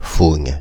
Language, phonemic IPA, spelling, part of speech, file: French, /fuŋ/, Phung, proper noun, Fr-Phung.oga
- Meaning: Phung: a surname from Vietnamese